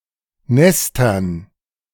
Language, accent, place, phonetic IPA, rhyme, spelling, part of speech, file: German, Germany, Berlin, [ˈnɛstɐn], -ɛstɐn, Nestern, noun, De-Nestern.ogg
- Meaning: dative plural of Nest